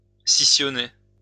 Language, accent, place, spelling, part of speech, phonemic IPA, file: French, France, Lyon, scissionner, verb, /si.sjɔ.ne/, LL-Q150 (fra)-scissionner.wav
- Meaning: to cleave, split in two